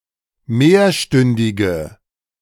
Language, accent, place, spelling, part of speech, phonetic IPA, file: German, Germany, Berlin, mehrstündige, adjective, [ˈmeːɐ̯ˌʃtʏndɪɡə], De-mehrstündige.ogg
- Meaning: inflection of mehrstündig: 1. strong/mixed nominative/accusative feminine singular 2. strong nominative/accusative plural 3. weak nominative all-gender singular